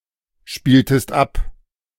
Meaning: inflection of abspielen: 1. second-person singular preterite 2. second-person singular subjunctive II
- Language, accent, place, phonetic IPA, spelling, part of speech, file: German, Germany, Berlin, [ˌʃpiːltəst ˈap], spieltest ab, verb, De-spieltest ab.ogg